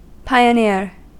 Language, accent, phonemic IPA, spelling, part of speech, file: English, US, /ˌpaɪ.əˈnɪɹ/, pioneer, noun / verb, En-us-pioneer.ogg
- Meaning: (noun) One who goes before, as into the wilderness, preparing the way for others to follow